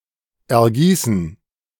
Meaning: to gush, pour out
- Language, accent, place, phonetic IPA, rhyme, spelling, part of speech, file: German, Germany, Berlin, [ɛɐ̯ˈɡiːsn̩], -iːsn̩, ergießen, verb, De-ergießen.ogg